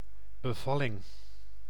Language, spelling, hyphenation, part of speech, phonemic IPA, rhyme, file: Dutch, bevalling, be‧val‧ling, noun, /bəˈvɑ.lɪŋ/, -ɑlɪŋ, Nl-bevalling.ogg
- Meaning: labor (process of giving birth)